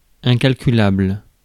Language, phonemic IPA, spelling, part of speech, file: French, /ɛ̃.kal.ky.labl/, incalculable, adjective, Fr-incalculable.ogg
- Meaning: incalculable, innumerable